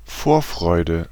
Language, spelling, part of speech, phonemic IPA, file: German, Vorfreude, noun, /ˈfoːa̯fʁɔɪ̯də/, De-Vorfreude.ogg
- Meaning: joyful anticipation